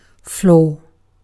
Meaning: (noun) The interior bottom or surface of a house or building; the supporting surface of a room
- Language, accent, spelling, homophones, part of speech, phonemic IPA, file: English, UK, floor, flow, noun / verb, /flɔː/, En-uk-floor.ogg